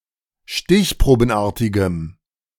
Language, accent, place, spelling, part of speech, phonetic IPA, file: German, Germany, Berlin, stichprobenartigem, adjective, [ˈʃtɪçpʁoːbn̩ˌʔaːɐ̯tɪɡəm], De-stichprobenartigem.ogg
- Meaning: strong dative masculine/neuter singular of stichprobenartig